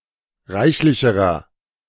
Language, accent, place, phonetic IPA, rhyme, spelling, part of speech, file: German, Germany, Berlin, [ˈʁaɪ̯çlɪçəʁɐ], -aɪ̯çlɪçəʁɐ, reichlicherer, adjective, De-reichlicherer.ogg
- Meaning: inflection of reichlich: 1. strong/mixed nominative masculine singular comparative degree 2. strong genitive/dative feminine singular comparative degree 3. strong genitive plural comparative degree